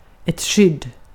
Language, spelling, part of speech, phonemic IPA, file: Swedish, skydd, noun, /ɧʏdː/, Sv-skydd.ogg
- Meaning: 1. protection 2. protection: cover; shelter; refuge 3. protection: coverage, protection 4. a thing that provides protection, a protector (see the usage notes below)